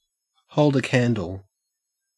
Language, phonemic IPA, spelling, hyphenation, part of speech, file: English, /ˌhəʉ̯ld ə ˈkæn.dəl/, hold a candle, hold a can‧dle, verb, En-au-hold a candle.ogg
- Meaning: To compare; to be even remotely of the same quality, skill, etc. as another